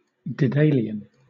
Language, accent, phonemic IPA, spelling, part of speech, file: English, Southern England, /dɪˈdeɪliən/, Daedalian, adjective, LL-Q1860 (eng)-Daedalian.wav
- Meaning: 1. Ingeniously or cunningly designed; artistic, ingenious, intricate, skillful 2. Difficult to comprehend due to complexity or intricacy 3. Deceitful, duplicitous